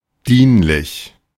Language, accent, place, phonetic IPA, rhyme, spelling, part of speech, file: German, Germany, Berlin, [ˈdiːnlɪç], -iːnlɪç, dienlich, adjective, De-dienlich.ogg
- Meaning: useful, helpful